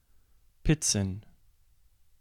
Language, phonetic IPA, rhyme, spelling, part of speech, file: German, [ˈpɪt͡sn̩], -ɪt͡sn̩, Pizzen, noun, De-Pizzen.ogg
- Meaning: plural of Pizza